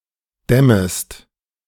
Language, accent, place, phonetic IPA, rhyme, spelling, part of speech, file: German, Germany, Berlin, [ˈdɛməst], -ɛməst, dämmest, verb, De-dämmest.ogg
- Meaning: second-person singular subjunctive I of dämmen